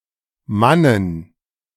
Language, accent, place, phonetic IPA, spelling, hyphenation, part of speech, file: German, Germany, Berlin, [ˈmanən], Mannen, Man‧nen, noun, De-Mannen.ogg
- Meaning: plural of Mann